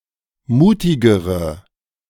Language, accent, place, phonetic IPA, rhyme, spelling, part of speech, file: German, Germany, Berlin, [ˈmuːtɪɡəʁə], -uːtɪɡəʁə, mutigere, adjective, De-mutigere.ogg
- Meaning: inflection of mutig: 1. strong/mixed nominative/accusative feminine singular comparative degree 2. strong nominative/accusative plural comparative degree